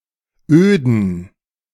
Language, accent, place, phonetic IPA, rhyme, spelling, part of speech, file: German, Germany, Berlin, [ˈøːdn̩], -øːdn̩, öden, adjective, De-öden.ogg
- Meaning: inflection of öd: 1. strong genitive masculine/neuter singular 2. weak/mixed genitive/dative all-gender singular 3. strong/weak/mixed accusative masculine singular 4. strong dative plural